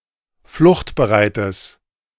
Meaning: strong/mixed nominative/accusative neuter singular of fluchtbereit
- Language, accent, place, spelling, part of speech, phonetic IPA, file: German, Germany, Berlin, fluchtbereites, adjective, [ˈflʊxtbəˌʁaɪ̯təs], De-fluchtbereites.ogg